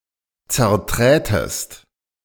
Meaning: second-person singular subjunctive II of zertreten
- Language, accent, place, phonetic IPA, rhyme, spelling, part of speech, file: German, Germany, Berlin, [t͡sɛɐ̯ˈtʁɛːtəst], -ɛːtəst, zerträtest, verb, De-zerträtest.ogg